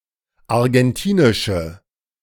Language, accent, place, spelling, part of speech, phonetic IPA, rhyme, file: German, Germany, Berlin, argentinische, adjective, [aʁɡɛnˈtiːnɪʃə], -iːnɪʃə, De-argentinische.ogg
- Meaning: inflection of argentinisch: 1. strong/mixed nominative/accusative feminine singular 2. strong nominative/accusative plural 3. weak nominative all-gender singular